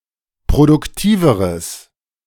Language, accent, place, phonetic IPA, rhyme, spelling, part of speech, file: German, Germany, Berlin, [pʁodʊkˈtiːvəʁəs], -iːvəʁəs, produktiveres, adjective, De-produktiveres.ogg
- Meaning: strong/mixed nominative/accusative neuter singular comparative degree of produktiv